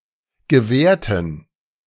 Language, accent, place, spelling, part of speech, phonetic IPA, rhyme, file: German, Germany, Berlin, gewährten, adjective / verb, [ɡəˈvɛːɐ̯tn̩], -ɛːɐ̯tn̩, De-gewährten.ogg
- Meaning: inflection of gewähren: 1. first/third-person plural preterite 2. first/third-person plural subjunctive II